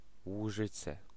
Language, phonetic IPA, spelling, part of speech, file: Polish, [wuˈʒɨt͡sɛ], Łużyce, proper noun, Pl-Łużyce.ogg